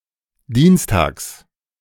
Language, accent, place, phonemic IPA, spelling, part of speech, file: German, Germany, Berlin, /ˈdiːnsˌtaːks/, dienstags, adverb, De-dienstags.ogg
- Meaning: 1. on Tuesdays, every Tuesday 2. on (the next or last) Tuesday